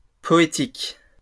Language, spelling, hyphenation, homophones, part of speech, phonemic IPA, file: French, poétiques, po‧é‧tiques, poétique, adjective, /pɔ.e.tik/, LL-Q150 (fra)-poétiques.wav
- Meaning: plural of poétique